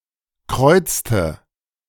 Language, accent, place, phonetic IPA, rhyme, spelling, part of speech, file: German, Germany, Berlin, [ˈkʁɔɪ̯t͡stə], -ɔɪ̯t͡stə, kreuzte, verb, De-kreuzte.ogg
- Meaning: inflection of kreuzen: 1. first/third-person singular preterite 2. first/third-person singular subjunctive II